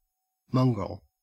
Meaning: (noun) Anything of mixed kind.: 1. A dog with a lineage of two or more breeds 2. A person of mixed race
- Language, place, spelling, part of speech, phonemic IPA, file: English, Queensland, mongrel, noun / adjective, /ˈmɐŋ.ɡɹəl/, En-au-mongrel.ogg